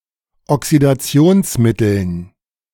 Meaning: dative plural of Oxidationsmittel
- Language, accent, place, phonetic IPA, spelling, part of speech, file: German, Germany, Berlin, [ɔksidaˈt͡si̯oːnsˌmɪtl̩n], Oxidationsmitteln, noun, De-Oxidationsmitteln.ogg